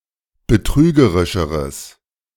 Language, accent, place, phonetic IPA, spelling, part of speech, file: German, Germany, Berlin, [bəˈtʁyːɡəʁɪʃəʁəs], betrügerischeres, adjective, De-betrügerischeres.ogg
- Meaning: strong/mixed nominative/accusative neuter singular comparative degree of betrügerisch